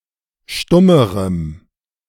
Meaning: strong dative masculine/neuter singular comparative degree of stumm
- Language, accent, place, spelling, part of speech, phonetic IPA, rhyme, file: German, Germany, Berlin, stummerem, adjective, [ˈʃtʊməʁəm], -ʊməʁəm, De-stummerem.ogg